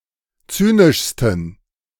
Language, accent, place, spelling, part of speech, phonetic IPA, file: German, Germany, Berlin, zynischsten, adjective, [ˈt͡syːnɪʃstn̩], De-zynischsten.ogg
- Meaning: 1. superlative degree of zynisch 2. inflection of zynisch: strong genitive masculine/neuter singular superlative degree